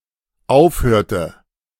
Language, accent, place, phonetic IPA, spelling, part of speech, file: German, Germany, Berlin, [ˈaʊ̯fˌhøːɐ̯tə], aufhörte, verb, De-aufhörte.ogg
- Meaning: inflection of aufhören: 1. first/third-person singular dependent preterite 2. first/third-person singular dependent subjunctive II